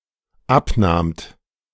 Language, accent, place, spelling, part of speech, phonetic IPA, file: German, Germany, Berlin, abnahmt, verb, [ˈapˌnaːmt], De-abnahmt.ogg
- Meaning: second-person plural dependent preterite of abnehmen